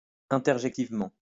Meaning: interjectively (as an interjection)
- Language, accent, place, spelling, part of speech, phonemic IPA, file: French, France, Lyon, interjectivement, adverb, /ɛ̃.tɛʁ.ʒɛk.tiv.mɑ̃/, LL-Q150 (fra)-interjectivement.wav